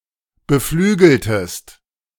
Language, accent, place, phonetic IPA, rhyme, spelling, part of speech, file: German, Germany, Berlin, [bəˈflyːɡl̩təst], -yːɡl̩təst, beflügeltest, verb, De-beflügeltest.ogg
- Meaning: inflection of beflügeln: 1. second-person singular preterite 2. second-person singular subjunctive II